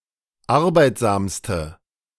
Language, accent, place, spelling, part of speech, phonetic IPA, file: German, Germany, Berlin, arbeitsamste, adjective, [ˈaʁbaɪ̯tzaːmstə], De-arbeitsamste.ogg
- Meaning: inflection of arbeitsam: 1. strong/mixed nominative/accusative feminine singular superlative degree 2. strong nominative/accusative plural superlative degree